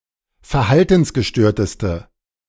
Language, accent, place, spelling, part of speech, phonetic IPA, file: German, Germany, Berlin, verhaltensgestörteste, adjective, [fɛɐ̯ˈhaltn̩sɡəˌʃtøːɐ̯təstə], De-verhaltensgestörteste.ogg
- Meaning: inflection of verhaltensgestört: 1. strong/mixed nominative/accusative feminine singular superlative degree 2. strong nominative/accusative plural superlative degree